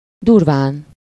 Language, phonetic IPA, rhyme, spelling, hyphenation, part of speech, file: Hungarian, [ˈdurvaːn], -aːn, durván, dur‧ván, adverb, Hu-durván.ogg
- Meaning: 1. roughly, rudely 2. coarsely 3. roughly, approximately